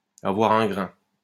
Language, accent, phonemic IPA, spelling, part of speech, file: French, France, /a.vwa.ʁ‿œ̃ ɡʁɛ̃/, avoir un grain, verb, LL-Q150 (fra)-avoir un grain.wav
- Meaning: to be crazy, to be strangely behaved